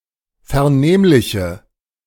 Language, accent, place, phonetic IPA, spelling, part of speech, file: German, Germany, Berlin, [fɛɐ̯ˈneːmlɪçə], vernehmliche, adjective, De-vernehmliche.ogg
- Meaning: inflection of vernehmlich: 1. strong/mixed nominative/accusative feminine singular 2. strong nominative/accusative plural 3. weak nominative all-gender singular